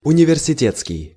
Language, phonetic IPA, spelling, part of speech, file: Russian, [ʊnʲɪvʲɪrsʲɪˈtʲet͡skʲɪj], университетский, adjective, Ru-университетский.ogg
- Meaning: university; academic (relating to an academy or other higher institution of learning)